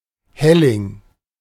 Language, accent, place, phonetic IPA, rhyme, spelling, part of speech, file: German, Germany, Berlin, [ˈhɛlɪŋ], -ɛlɪŋ, Helling, noun, De-Helling.ogg
- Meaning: slipway